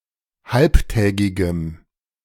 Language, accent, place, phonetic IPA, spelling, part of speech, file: German, Germany, Berlin, [ˈhalptɛːɡɪɡəm], halbtägigem, adjective, De-halbtägigem.ogg
- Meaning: strong dative masculine/neuter singular of halbtägig